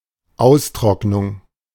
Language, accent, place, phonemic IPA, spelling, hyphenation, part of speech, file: German, Germany, Berlin, /ˈaʊ̯sˌtʁɔknʊŋ/, Austrocknung, Aus‧trock‧nung, noun, De-Austrocknung.ogg
- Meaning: 1. dehydration, desiccation 2. withering